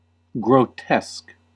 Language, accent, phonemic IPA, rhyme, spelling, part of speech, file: English, US, /ɡɹoʊˈtɛsk/, -ɛsk, grotesque, adjective / noun / verb, En-us-grotesque.ogg
- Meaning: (adjective) 1. Distorted and unnatural in shape or size; abnormal, especially in a hideous way 2. Disgusting or otherwise viscerally revolting 3. Sans serif